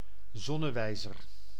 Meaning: sundial
- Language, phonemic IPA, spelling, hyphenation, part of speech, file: Dutch, /ˈzɔnəˌʋɛi̯zər/, zonnewijzer, zon‧ne‧wij‧zer, noun, Nl-zonnewijzer.ogg